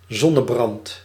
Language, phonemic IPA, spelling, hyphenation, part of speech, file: Dutch, /ˈzɔ.nəˌbrɑnt/, zonnebrand, zon‧ne‧brand, noun, Nl-zonnebrand.ogg
- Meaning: 1. sunburn 2. sunscreen 3. the burning or the heat of the Sun